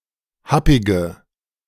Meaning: inflection of happig: 1. strong/mixed nominative/accusative feminine singular 2. strong nominative/accusative plural 3. weak nominative all-gender singular 4. weak accusative feminine/neuter singular
- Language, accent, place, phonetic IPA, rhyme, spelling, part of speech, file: German, Germany, Berlin, [ˈhapɪɡə], -apɪɡə, happige, adjective, De-happige.ogg